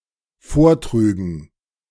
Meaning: first/third-person plural dependent subjunctive II of vortragen
- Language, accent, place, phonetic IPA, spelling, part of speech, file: German, Germany, Berlin, [ˈfoːɐ̯ˌtʁyːɡn̩], vortrügen, verb, De-vortrügen.ogg